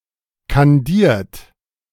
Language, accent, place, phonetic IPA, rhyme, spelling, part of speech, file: German, Germany, Berlin, [kanˈdiːɐ̯t], -iːɐ̯t, kandiert, adjective / verb, De-kandiert.ogg
- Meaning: 1. past participle of kandieren 2. inflection of kandieren: second-person plural present 3. inflection of kandieren: third-person singular present 4. inflection of kandieren: plural imperative